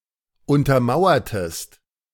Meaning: inflection of untermauern: 1. second-person singular preterite 2. second-person singular subjunctive II
- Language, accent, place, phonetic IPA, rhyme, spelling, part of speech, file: German, Germany, Berlin, [ˌʊntɐˈmaʊ̯ɐtəst], -aʊ̯ɐtəst, untermauertest, verb, De-untermauertest.ogg